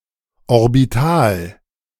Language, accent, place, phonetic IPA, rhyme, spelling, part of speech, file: German, Germany, Berlin, [ɔʁbiˈtaːl], -aːl, Orbital, noun, De-Orbital.ogg
- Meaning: orbital